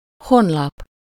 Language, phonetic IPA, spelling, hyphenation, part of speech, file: Hungarian, [ˈhonlɒp], honlap, hon‧lap, noun, Hu-honlap.ogg
- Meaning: website, homepage